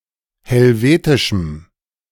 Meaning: strong dative masculine/neuter singular of helvetisch
- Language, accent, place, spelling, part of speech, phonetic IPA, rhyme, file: German, Germany, Berlin, helvetischem, adjective, [hɛlˈveːtɪʃm̩], -eːtɪʃm̩, De-helvetischem.ogg